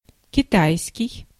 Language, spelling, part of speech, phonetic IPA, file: Russian, китайский, adjective / noun, [kʲɪˈtajskʲɪj], Ru-китайский.ogg
- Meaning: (adjective) 1. Chinese 2. fake, forged, counterfeit, shoddy; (noun) the Chinese language (short for кита́йский язы́к (kitájskij jazýk))